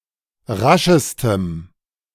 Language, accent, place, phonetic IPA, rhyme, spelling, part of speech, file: German, Germany, Berlin, [ˈʁaʃəstəm], -aʃəstəm, raschestem, adjective, De-raschestem.ogg
- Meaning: strong dative masculine/neuter singular superlative degree of rasch